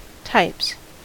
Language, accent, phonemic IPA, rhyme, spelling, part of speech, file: English, US, /taɪps/, -aɪps, types, noun / verb, En-us-types.ogg
- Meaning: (noun) plural of type; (verb) third-person singular simple present indicative of type